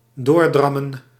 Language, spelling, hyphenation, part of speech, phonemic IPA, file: Dutch, doordrammen, door‧dram‧men, verb, /ˈdoːrdrɑmə(n)/, Nl-doordrammen.ogg
- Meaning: to keep insisting to obtain what one wants, to nag